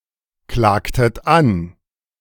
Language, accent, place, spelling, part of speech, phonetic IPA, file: German, Germany, Berlin, klagtet an, verb, [ˌklaːktət ˈan], De-klagtet an.ogg
- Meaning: inflection of anklagen: 1. second-person plural preterite 2. second-person plural subjunctive II